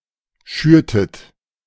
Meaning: inflection of schüren: 1. second-person plural preterite 2. second-person plural subjunctive II
- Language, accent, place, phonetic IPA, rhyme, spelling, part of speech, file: German, Germany, Berlin, [ˈʃyːɐ̯tət], -yːɐ̯tət, schürtet, verb, De-schürtet.ogg